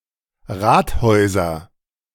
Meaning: nominative/accusative/genitive plural of Rathaus
- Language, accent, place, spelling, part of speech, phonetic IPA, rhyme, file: German, Germany, Berlin, Rathäuser, noun, [ˈʁaːtˌhɔɪ̯zɐ], -aːthɔɪ̯zɐ, De-Rathäuser.ogg